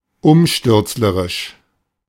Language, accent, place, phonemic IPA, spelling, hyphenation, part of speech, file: German, Germany, Berlin, /ˈʊmʃtʏʁt͡sləʁɪʃ/, umstürzlerisch, um‧stürz‧le‧risch, adjective, De-umstürzlerisch.ogg
- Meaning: subversive